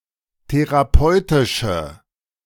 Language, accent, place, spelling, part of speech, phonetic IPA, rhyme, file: German, Germany, Berlin, therapeutische, adjective, [teʁaˈpɔɪ̯tɪʃə], -ɔɪ̯tɪʃə, De-therapeutische.ogg
- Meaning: inflection of therapeutisch: 1. strong/mixed nominative/accusative feminine singular 2. strong nominative/accusative plural 3. weak nominative all-gender singular